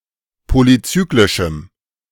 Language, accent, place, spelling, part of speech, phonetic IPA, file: German, Germany, Berlin, polycyclischem, adjective, [ˌpolyˈt͡syːklɪʃm̩], De-polycyclischem.ogg
- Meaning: strong dative masculine/neuter singular of polycyclisch